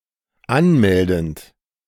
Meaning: present participle of anmelden
- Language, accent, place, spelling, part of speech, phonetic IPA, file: German, Germany, Berlin, anmeldend, verb, [ˈanˌmɛldn̩t], De-anmeldend.ogg